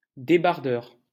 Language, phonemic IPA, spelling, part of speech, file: French, /de.baʁ.dœʁ/, débardeur, noun, LL-Q150 (fra)-débardeur.wav
- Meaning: 1. docker, longshoreman 2. haulier (of logs etc) 3. traditional character of the Paris Carnival 4. sleeveless T-shirt, tank top